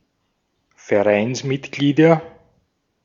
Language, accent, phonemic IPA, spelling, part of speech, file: German, Austria, /fɛɐ̯ˈʔaɪ̯nsˌmɪtɡliːdɐ/, Vereinsmitglieder, noun, De-at-Vereinsmitglieder.ogg
- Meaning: nominative/accusative/genitive plural of Vereinsmitglied